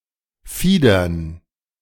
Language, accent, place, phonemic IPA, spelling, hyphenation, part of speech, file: German, Germany, Berlin, /ˈfiːdəʁn/, Fiedern, Fie‧dern, noun, De-Fiedern.ogg
- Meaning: plural of Fieder